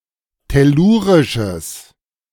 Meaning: strong/mixed nominative/accusative neuter singular of tellurisch
- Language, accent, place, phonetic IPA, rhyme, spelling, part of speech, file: German, Germany, Berlin, [tɛˈluːʁɪʃəs], -uːʁɪʃəs, tellurisches, adjective, De-tellurisches.ogg